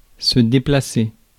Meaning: 1. to move, shift (an object or material from one place to another); to relocate; to displace 2. to move around; to get around; to travel
- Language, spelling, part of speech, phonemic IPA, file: French, déplacer, verb, /de.pla.se/, Fr-déplacer.ogg